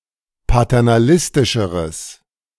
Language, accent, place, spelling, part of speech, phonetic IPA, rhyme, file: German, Germany, Berlin, paternalistischeres, adjective, [patɛʁnaˈlɪstɪʃəʁəs], -ɪstɪʃəʁəs, De-paternalistischeres.ogg
- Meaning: strong/mixed nominative/accusative neuter singular comparative degree of paternalistisch